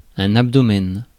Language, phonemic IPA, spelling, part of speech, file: French, /ab.dɔ.mɛn/, abdomen, noun, Fr-abdomen.ogg
- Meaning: abdomen